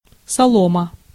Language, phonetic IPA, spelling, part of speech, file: Russian, [sɐˈɫomə], солома, noun, Ru-солома.ogg
- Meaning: straw